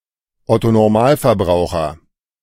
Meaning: alternative form of Ottonormalverbraucher
- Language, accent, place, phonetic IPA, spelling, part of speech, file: German, Germany, Berlin, [ˌɔto nɔʁˈmaːlfɛɐ̯ˌbʁaʊ̯xɐ], Otto Normalverbraucher, noun, De-Otto Normalverbraucher.ogg